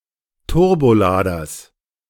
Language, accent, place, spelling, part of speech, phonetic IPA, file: German, Germany, Berlin, Turboladers, noun, [ˈtʊʁboˌlaːdɐs], De-Turboladers.ogg
- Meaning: genitive singular of Turbolader